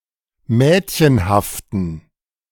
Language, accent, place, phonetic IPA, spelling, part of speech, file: German, Germany, Berlin, [ˈmɛːtçənhaftn̩], mädchenhaften, adjective, De-mädchenhaften.ogg
- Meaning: inflection of mädchenhaft: 1. strong genitive masculine/neuter singular 2. weak/mixed genitive/dative all-gender singular 3. strong/weak/mixed accusative masculine singular 4. strong dative plural